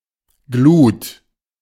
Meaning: 1. great heat from (or as if from) something that glows 2. embers, a quantity of glowing coals
- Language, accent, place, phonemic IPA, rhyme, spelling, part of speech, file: German, Germany, Berlin, /ɡluːt/, -uːt, Glut, noun, De-Glut.ogg